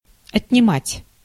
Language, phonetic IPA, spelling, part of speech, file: Russian, [ɐtʲnʲɪˈmatʲ], отнимать, verb, Ru-отнимать.ogg
- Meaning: 1. to take (from) 2. to subtract; to take away; to abstract 3. to deduct, to take away, to take from, to take off 4. to take away (from); to bereave (of) 5. to withdraw; to remove (hands)